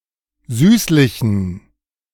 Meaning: inflection of süßlich: 1. strong genitive masculine/neuter singular 2. weak/mixed genitive/dative all-gender singular 3. strong/weak/mixed accusative masculine singular 4. strong dative plural
- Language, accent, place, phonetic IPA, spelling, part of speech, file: German, Germany, Berlin, [ˈzyːslɪçn̩], süßlichen, adjective, De-süßlichen.ogg